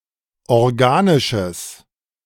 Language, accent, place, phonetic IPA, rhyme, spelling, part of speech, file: German, Germany, Berlin, [ɔʁˈɡaːnɪʃəs], -aːnɪʃəs, organisches, adjective, De-organisches.ogg
- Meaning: strong/mixed nominative/accusative neuter singular of organisch